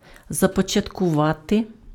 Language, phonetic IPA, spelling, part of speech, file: Ukrainian, [zɐpɔt͡ʃɐtkʊˈʋate], започаткувати, verb, Uk-започаткувати.ogg
- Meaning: to initiate, to launch, to start